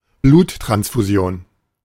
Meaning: transfusion, blood transfusion (the transfer of blood or blood products from one individual to another)
- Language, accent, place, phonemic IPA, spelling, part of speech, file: German, Germany, Berlin, /ˈbluːtʁansfuˌzi̯oːn/, Bluttransfusion, noun, De-Bluttransfusion.ogg